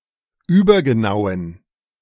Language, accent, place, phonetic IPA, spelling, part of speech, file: German, Germany, Berlin, [ˈyːbɐɡəˌnaʊ̯ən], übergenauen, adjective, De-übergenauen.ogg
- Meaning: inflection of übergenau: 1. strong genitive masculine/neuter singular 2. weak/mixed genitive/dative all-gender singular 3. strong/weak/mixed accusative masculine singular 4. strong dative plural